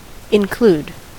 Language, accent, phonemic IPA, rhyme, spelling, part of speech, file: English, US, /ɪnˈkluːd/, -uːd, include, verb / noun, En-us-include.ogg
- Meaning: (verb) 1. To bring into a group, class, set, or total as a (new) part or member 2. To consider as part of something; to comprehend 3. To enclose, confine 4. To conclude; to terminate